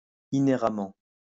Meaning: inherently
- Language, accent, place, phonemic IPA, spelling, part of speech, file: French, France, Lyon, /i.ne.ʁa.mɑ̃/, inhéremment, adverb, LL-Q150 (fra)-inhéremment.wav